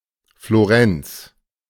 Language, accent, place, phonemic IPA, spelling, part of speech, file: German, Germany, Berlin, /floˈʁɛnts/, Florenz, proper noun, De-Florenz.ogg
- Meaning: Florence (a city and comune, the capital of the Metropolitan City of Florence and the region of Tuscany, Italy)